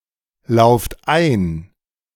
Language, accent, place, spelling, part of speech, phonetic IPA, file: German, Germany, Berlin, lauft ein, verb, [ˌlaʊ̯ft ˈaɪ̯n], De-lauft ein.ogg
- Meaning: inflection of einlaufen: 1. second-person plural present 2. plural imperative